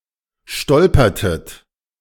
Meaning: inflection of stolpern: 1. second-person plural preterite 2. second-person plural subjunctive II
- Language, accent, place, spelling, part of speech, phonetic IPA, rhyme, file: German, Germany, Berlin, stolpertet, verb, [ˈʃtɔlpɐtət], -ɔlpɐtət, De-stolpertet.ogg